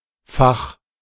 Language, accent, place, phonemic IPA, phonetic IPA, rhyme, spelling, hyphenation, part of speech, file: German, Germany, Berlin, /fax/, [fäχ], -ax, Fach, Fach, noun, De-Fach.ogg
- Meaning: 1. compartment 2. drawer 3. subject